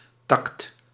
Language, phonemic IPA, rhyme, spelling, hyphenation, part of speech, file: Dutch, /tɑkt/, -ɑkt, tact, tact, noun, Nl-tact.ogg
- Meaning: tact, discernment